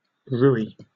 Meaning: A type of sauce from Provence, France, often served with fish dishes, consisting of egg yolk and olive oil with breadcrumbs, chili peppers, garlic, and saffron
- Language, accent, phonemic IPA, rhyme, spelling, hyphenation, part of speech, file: English, Received Pronunciation, /ˈɹuːi/, -uːi, rouille, rou‧ille, noun, En-uk-rouille.oga